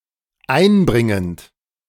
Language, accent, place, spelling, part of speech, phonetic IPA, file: German, Germany, Berlin, einbringend, verb, [ˈaɪ̯nˌbʁɪŋənt], De-einbringend.ogg
- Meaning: present participle of einbringen